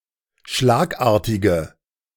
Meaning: inflection of schlagartig: 1. strong/mixed nominative/accusative feminine singular 2. strong nominative/accusative plural 3. weak nominative all-gender singular
- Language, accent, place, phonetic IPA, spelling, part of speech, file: German, Germany, Berlin, [ˈʃlaːkˌʔaːɐ̯tɪɡə], schlagartige, adjective, De-schlagartige.ogg